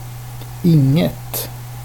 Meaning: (determiner) neuter singular of ingen; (pronoun) synonym of ingenting (“nothing”)
- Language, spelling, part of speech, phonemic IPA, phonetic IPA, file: Swedish, inget, determiner / pronoun, /ˈɪŋˌɛt/, [ˈɪŋːˌɛ̂t], Sv-inget.ogg